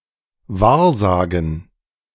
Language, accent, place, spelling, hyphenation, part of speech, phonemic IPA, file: German, Germany, Berlin, wahrsagen, wahr‧sa‧gen, verb, /ˈvaːɐ̯ˌzaːɡn̩/, De-wahrsagen.ogg
- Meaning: to divine, tell fortunes